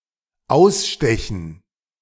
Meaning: 1. to cut out 2. to gouge 3. to supplant
- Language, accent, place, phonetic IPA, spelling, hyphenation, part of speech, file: German, Germany, Berlin, [ˈaʊ̯sˌʃtɛçn̩], ausstechen, aus‧ste‧chen, verb, De-ausstechen.ogg